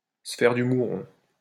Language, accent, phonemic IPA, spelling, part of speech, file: French, France, /sə fɛʁ dy mu.ʁɔ̃/, se faire du mouron, verb, LL-Q150 (fra)-se faire du mouron.wav
- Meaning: to tie oneself in knots, to worry oneself sick